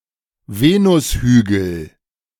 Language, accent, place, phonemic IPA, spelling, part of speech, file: German, Germany, Berlin, /ˈveːnʊsˌhyːɡl̩/, Venushügel, noun, De-Venushügel.ogg
- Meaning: mons veneris